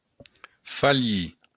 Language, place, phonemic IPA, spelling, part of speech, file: Occitan, Béarn, /faˈʎi/, falhir, verb, LL-Q14185 (oci)-falhir.wav
- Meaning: 1. to fail 2. to err, make a mistake